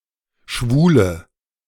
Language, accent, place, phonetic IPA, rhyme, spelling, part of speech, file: German, Germany, Berlin, [ˈʃvuːlə], -uːlə, Schwule, noun, De-Schwule.ogg
- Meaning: nominative/accusative/genitive plural of Schwuler